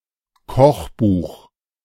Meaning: cookbook
- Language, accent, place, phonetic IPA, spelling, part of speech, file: German, Germany, Berlin, [ˈkɔxˌbuːx], Kochbuch, noun, De-Kochbuch.ogg